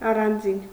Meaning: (adverb) 1. apart, separately 2. some, a few; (adjective) 1. separate 2. special, unique, singular
- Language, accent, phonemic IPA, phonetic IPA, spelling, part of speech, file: Armenian, Eastern Armenian, /ɑrɑnˈd͡zin/, [ɑrɑnd͡zín], առանձին, adverb / adjective, Hy-առանձին.ogg